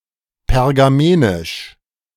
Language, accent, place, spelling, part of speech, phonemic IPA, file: German, Germany, Berlin, pergamenisch, adjective, /pɛʁɡaˈmeːnɪʃ/, De-pergamenisch.ogg
- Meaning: of Pergamum